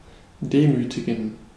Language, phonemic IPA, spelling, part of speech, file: German, /ˈdeːmytiɡən/, demütigen, verb, De-demütigen.ogg
- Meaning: to humiliate, to humble, to mortify